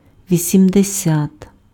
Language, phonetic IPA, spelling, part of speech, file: Ukrainian, [ʋʲisʲimdeˈsʲat], вісімдесят, numeral, Uk-вісімдесят.ogg
- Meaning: eighty (80)